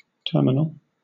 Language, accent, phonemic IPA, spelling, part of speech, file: English, Southern England, /ˈtɜːmɪnəl/, terminal, noun / adjective / verb, LL-Q1860 (eng)-terminal.wav
- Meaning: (noun) A building in an airport where passengers transfer from ground transportation to the facilities that allow them to board airplanes